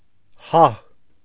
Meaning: acronym of Հարավաֆրիկյան Հանրապետություն (Haravafrikyan Hanrapetutʻyun, “RSA”)
- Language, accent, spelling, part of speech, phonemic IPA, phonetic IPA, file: Armenian, Eastern Armenian, ՀԱՀ, proper noun, /hɑh/, [hɑh], Hy-ՀԱՀ.ogg